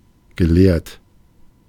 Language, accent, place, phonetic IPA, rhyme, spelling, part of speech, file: German, Germany, Berlin, [ɡəˈleːɐ̯t], -eːɐ̯t, gelehrt, adjective / verb, De-gelehrt.ogg
- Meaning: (verb) past participle of lehren; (adjective) learned, scholarly